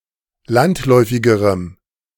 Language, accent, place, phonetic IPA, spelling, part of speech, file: German, Germany, Berlin, [ˈlantˌlɔɪ̯fɪɡəʁəm], landläufigerem, adjective, De-landläufigerem.ogg
- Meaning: strong dative masculine/neuter singular comparative degree of landläufig